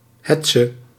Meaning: witch hunt, hate campaign, smear campaign
- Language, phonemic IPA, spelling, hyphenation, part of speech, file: Dutch, /ˈɦɛt.sə/, hetze, het‧ze, noun, Nl-hetze.ogg